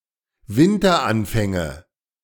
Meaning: nominative/accusative/genitive plural of Winteranfang
- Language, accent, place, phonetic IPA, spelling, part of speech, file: German, Germany, Berlin, [ˈvɪntɐˌʔanfɛŋə], Winteranfänge, noun, De-Winteranfänge.ogg